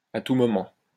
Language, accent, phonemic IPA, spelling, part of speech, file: French, France, /a tu mɔ.mɑ̃/, à tout moment, adverb, LL-Q150 (fra)-à tout moment.wav
- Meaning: at any time, anytime, any time now, any minute now